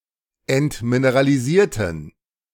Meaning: inflection of entmineralisieren: 1. first/third-person plural preterite 2. first/third-person plural subjunctive II
- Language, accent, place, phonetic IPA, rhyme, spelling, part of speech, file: German, Germany, Berlin, [ɛntmineʁaliˈziːɐ̯tn̩], -iːɐ̯tn̩, entmineralisierten, adjective / verb, De-entmineralisierten.ogg